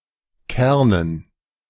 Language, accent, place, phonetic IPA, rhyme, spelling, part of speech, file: German, Germany, Berlin, [ˈkɛʁnən], -ɛʁnən, Kernen, noun, De-Kernen.ogg
- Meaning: dative plural of Kern